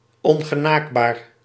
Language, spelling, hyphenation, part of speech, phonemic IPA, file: Dutch, ongenaakbaar, on‧ge‧naak‧baar, adjective, /ˌɔŋ.ɣəˈnaːk.baːr/, Nl-ongenaakbaar.ogg
- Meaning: 1. unapproachable, inaccessible 2. distant, detached, aloof